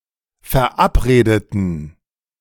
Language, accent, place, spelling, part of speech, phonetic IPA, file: German, Germany, Berlin, verabredeten, adjective / verb, [fɛɐ̯ˈʔapˌʁeːdətn̩], De-verabredeten.ogg
- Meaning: inflection of verabreden: 1. first/third-person plural preterite 2. first/third-person plural subjunctive II